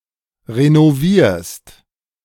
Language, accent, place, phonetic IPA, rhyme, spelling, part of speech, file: German, Germany, Berlin, [ʁenoˈviːɐ̯st], -iːɐ̯st, renovierst, verb, De-renovierst.ogg
- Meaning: second-person singular present of renovieren